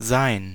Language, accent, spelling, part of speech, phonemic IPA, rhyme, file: German, Germany, sein, verb / determiner / pronoun, /zaɪ̯n/, -aɪ̯n, De-sein.ogg
- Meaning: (verb) 1. forms the present perfect and past perfect tenses of certain verbs 2. As a copulative verb: to be 3. As a copulative verb: Used to indicate dates, times of day, time periods, etc., be